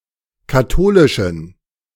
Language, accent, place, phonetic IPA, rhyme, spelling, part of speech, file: German, Germany, Berlin, [kaˈtoːlɪʃn̩], -oːlɪʃn̩, katholischen, adjective, De-katholischen.ogg
- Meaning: inflection of katholisch: 1. strong genitive masculine/neuter singular 2. weak/mixed genitive/dative all-gender singular 3. strong/weak/mixed accusative masculine singular 4. strong dative plural